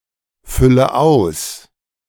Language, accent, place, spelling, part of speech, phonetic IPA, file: German, Germany, Berlin, fülle aus, verb, [ˌfʏlə ˈaʊ̯s], De-fülle aus.ogg
- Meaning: inflection of ausfüllen: 1. first-person singular present 2. first/third-person singular subjunctive I 3. singular imperative